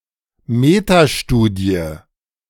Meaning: metastudy
- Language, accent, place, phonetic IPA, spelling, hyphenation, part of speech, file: German, Germany, Berlin, [ˈmeːtaˌʃtuːdi̯ə], Metastudie, Me‧ta‧stu‧die, noun, De-Metastudie.ogg